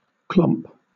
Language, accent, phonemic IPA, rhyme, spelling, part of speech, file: English, Southern England, /klɒmp/, -ɒmp, clomp, noun / verb, LL-Q1860 (eng)-clomp.wav
- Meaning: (noun) The sound of feet hitting the ground loudly; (verb) 1. To walk heavily or clumsily, as with clogs 2. To make some object hit something, thereby producing a clomping sound